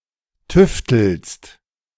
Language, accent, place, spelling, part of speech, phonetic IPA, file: German, Germany, Berlin, tüftelst, verb, [ˈtʏftl̩st], De-tüftelst.ogg
- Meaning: second-person singular present of tüfteln